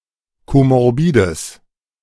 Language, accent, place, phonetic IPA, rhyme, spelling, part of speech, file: German, Germany, Berlin, [ˌkomɔʁˈbiːdəs], -iːdəs, komorbides, adjective, De-komorbides.ogg
- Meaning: strong/mixed nominative/accusative neuter singular of komorbid